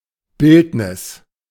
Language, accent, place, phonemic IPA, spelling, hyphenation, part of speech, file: German, Germany, Berlin, /ˈbɪltnɪs/, Bildnis, Bild‧nis, noun, De-Bildnis.ogg
- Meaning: image, portrait